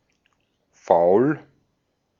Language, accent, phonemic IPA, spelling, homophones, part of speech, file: German, Austria, /faʊ̯l/, faul, Foul, adjective, De-at-faul.ogg
- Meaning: 1. foul, rotten, rancid 2. lazy